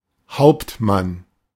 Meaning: captain (male [also female] or of unspecified sex; cf. Herr / Frau Hauptmann)
- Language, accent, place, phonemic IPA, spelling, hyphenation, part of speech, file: German, Germany, Berlin, /ˈhaʊp(t)ˌman/, Hauptmann, Haupt‧mann, noun, De-Hauptmann.ogg